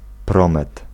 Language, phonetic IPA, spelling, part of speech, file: Polish, [ˈprɔ̃mɛt], promet, noun, Pl-promet.ogg